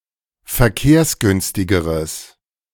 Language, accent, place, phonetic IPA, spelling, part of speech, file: German, Germany, Berlin, [fɛɐ̯ˈkeːɐ̯sˌɡʏnstɪɡəʁəs], verkehrsgünstigeres, adjective, De-verkehrsgünstigeres.ogg
- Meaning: strong/mixed nominative/accusative neuter singular comparative degree of verkehrsgünstig